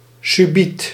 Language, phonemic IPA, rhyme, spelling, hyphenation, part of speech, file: Dutch, /syˈbit/, -it, subiet, su‧biet, adverb, Nl-subiet.ogg
- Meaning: 1. immediately, at once 2. later on